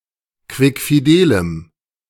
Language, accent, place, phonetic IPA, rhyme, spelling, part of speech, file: German, Germany, Berlin, [ˌkvɪkfiˈdeːləm], -eːləm, quickfidelem, adjective, De-quickfidelem.ogg
- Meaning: strong dative masculine/neuter singular of quickfidel